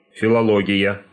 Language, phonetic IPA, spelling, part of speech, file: Russian, [fʲɪɫɐˈɫoɡʲɪjə], филология, noun, Ru-филология.ogg
- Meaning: philology